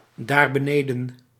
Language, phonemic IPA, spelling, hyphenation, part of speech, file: Dutch, /ˌdaːr.bəˈneː.də(n)/, daarbeneden, daar‧be‧ne‧den, adverb, Nl-daarbeneden.ogg
- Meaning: down there